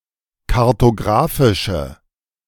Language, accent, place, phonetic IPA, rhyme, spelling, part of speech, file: German, Germany, Berlin, [kaʁtoˈɡʁaːfɪʃə], -aːfɪʃə, kartografische, adjective, De-kartografische.ogg
- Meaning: inflection of kartografisch: 1. strong/mixed nominative/accusative feminine singular 2. strong nominative/accusative plural 3. weak nominative all-gender singular